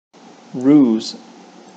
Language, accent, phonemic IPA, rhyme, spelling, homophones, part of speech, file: English, Received Pronunciation, /ɹuːz/, -uːz, ruse, roos / rues, noun / verb, En-uk-ruse.ogg
- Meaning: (noun) 1. A turning or doubling back, especially of animals to get out of the way of hunting dogs 2. An action intended to deceive; a trick 3. Cunning, guile, trickery